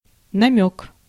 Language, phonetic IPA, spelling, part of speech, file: Russian, [nɐˈmʲɵk], намёк, noun, Ru-намёк.ogg
- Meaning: 1. hint, suggestion 2. allusion, implication 3. tip (piece of private information) 4. inkling 5. insinuation